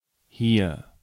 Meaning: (adverb) here; in this place; refers to an environment one is currently in, or to something within reach
- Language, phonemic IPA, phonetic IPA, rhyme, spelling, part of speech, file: German, /hiːr/, [hiːɐ̯], -iːɐ̯, hier, adverb / interjection, De-hier.ogg